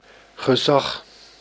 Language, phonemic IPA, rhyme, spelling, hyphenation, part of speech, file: Dutch, /ɣəˈzɑx/, -ɑx, gezag, ge‧zag, noun, Nl-gezag.ogg
- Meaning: authority